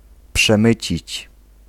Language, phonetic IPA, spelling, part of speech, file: Polish, [pʃɛ̃ˈmɨt͡ɕit͡ɕ], przemycić, verb, Pl-przemycić.ogg